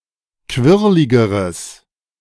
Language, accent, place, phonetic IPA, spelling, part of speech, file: German, Germany, Berlin, [ˈkvɪʁlɪɡəʁəs], quirligeres, adjective, De-quirligeres.ogg
- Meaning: strong/mixed nominative/accusative neuter singular comparative degree of quirlig